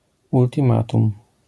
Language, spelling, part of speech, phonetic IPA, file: Polish, ultimatum, noun, [ˌultʲĩˈmatũm], LL-Q809 (pol)-ultimatum.wav